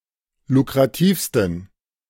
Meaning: 1. superlative degree of lukrativ 2. inflection of lukrativ: strong genitive masculine/neuter singular superlative degree
- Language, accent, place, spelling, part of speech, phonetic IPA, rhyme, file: German, Germany, Berlin, lukrativsten, adjective, [lukʁaˈtiːfstn̩], -iːfstn̩, De-lukrativsten.ogg